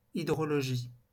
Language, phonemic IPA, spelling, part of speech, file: French, /i.dʁɔ.lɔ.ʒi/, hydrologie, noun, LL-Q150 (fra)-hydrologie.wav
- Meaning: hydrology